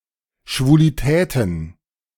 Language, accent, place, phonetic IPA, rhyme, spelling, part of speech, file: German, Germany, Berlin, [ʃvuliˈtɛːtn̩], -ɛːtn̩, Schwulitäten, noun, De-Schwulitäten.ogg
- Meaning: plural of Schwulität